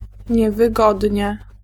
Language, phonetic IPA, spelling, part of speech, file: Polish, [ˌɲɛvɨˈɡɔdʲɲɛ], niewygodnie, adverb, Pl-niewygodnie.ogg